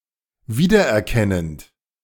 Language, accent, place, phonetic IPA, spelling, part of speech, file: German, Germany, Berlin, [ˈviːdɐʔɛɐ̯ˌkɛnənt], wiedererkennend, verb, De-wiedererkennend.ogg
- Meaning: present participle of wiedererkennen